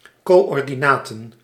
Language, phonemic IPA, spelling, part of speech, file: Dutch, /ˌkoː.ɔr.diˈnaː.tə(n)/, coördinaten, noun, Nl-coördinaten.ogg
- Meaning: 1. personal data 2. plural of coördinaat